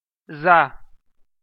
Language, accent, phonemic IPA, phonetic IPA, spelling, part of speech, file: Armenian, Eastern Armenian, /zɑ/, [zɑ], զա, noun, Hy-զա.ogg
- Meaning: the name of the Armenian letter զ (z)